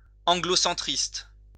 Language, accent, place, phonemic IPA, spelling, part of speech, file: French, France, Lyon, /ɑ̃.ɡlo.sɑ̃.tʁist/, anglocentriste, adjective, LL-Q150 (fra)-anglocentriste.wav
- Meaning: Anglocentrist, Anglocentric